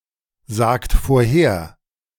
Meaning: inflection of vorhersagen: 1. third-person singular present 2. second-person plural present 3. plural imperative
- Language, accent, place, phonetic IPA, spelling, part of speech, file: German, Germany, Berlin, [ˌzaːkt foːɐ̯ˈheːɐ̯], sagt vorher, verb, De-sagt vorher.ogg